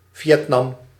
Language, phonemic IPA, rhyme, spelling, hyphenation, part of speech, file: Dutch, /vjɛtˈnɑm/, -ɑm, Vietnam, Viet‧nam, proper noun, Nl-Vietnam.ogg
- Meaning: Vietnam (a country in Southeast Asia)